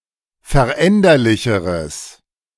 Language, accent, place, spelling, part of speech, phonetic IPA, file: German, Germany, Berlin, veränderlicheres, adjective, [fɛɐ̯ˈʔɛndɐlɪçəʁəs], De-veränderlicheres.ogg
- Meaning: strong/mixed nominative/accusative neuter singular comparative degree of veränderlich